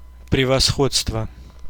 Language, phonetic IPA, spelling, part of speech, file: Russian, [prʲɪvɐˈsxot͡stvə], превосходство, noun, Ru-превосходство.ogg
- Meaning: 1. superiority 2. excellence